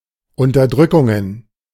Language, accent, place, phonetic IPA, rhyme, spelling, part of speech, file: German, Germany, Berlin, [ˌʊntɐˈdʁʏkʊŋən], -ʏkʊŋən, Unterdrückungen, noun, De-Unterdrückungen.ogg
- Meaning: plural of Unterdrückung